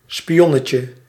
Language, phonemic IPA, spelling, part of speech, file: Dutch, /spiˈjɔnəcə/, spionnetje, noun, Nl-spionnetje.ogg
- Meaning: 1. diminutive of spion 2. gossip mirror